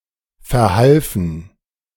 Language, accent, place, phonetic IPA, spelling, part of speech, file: German, Germany, Berlin, [fɛɐ̯ˈhalfn̩], verhalfen, verb, De-verhalfen.ogg
- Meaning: first/third-person plural preterite of verhelfen